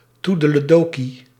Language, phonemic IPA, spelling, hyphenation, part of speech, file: Dutch, /ˌtu.də.ləˈdoː.ki/, toedeledokie, toe‧de‧le‧do‧kie, interjection, Nl-toedeledokie.ogg
- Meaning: toodle-oo, so long